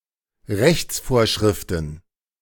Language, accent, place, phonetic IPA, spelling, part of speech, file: German, Germany, Berlin, [ˈʁɛçt͡sˌfoːɐ̯ʃʁɪftn̩], Rechtsvorschriften, noun, De-Rechtsvorschriften.ogg
- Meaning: plural of Rechtsvorschrift